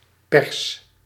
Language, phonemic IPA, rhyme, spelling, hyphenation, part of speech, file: Dutch, /pɛrs/, -ɛrs, pers, pers, noun / verb, Nl-pers.ogg
- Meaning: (noun) 1. a press, mechanical device to exert pression 2. the press, media 3. a Persian cat (breed) 4. a Persian carpet; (verb) inflection of persen: first-person singular present indicative